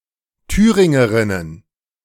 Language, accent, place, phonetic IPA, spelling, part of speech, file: German, Germany, Berlin, [ˈtyːʁɪŋəˌʁɪnən], Thüringerinnen, noun, De-Thüringerinnen.ogg
- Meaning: plural of Thüringerin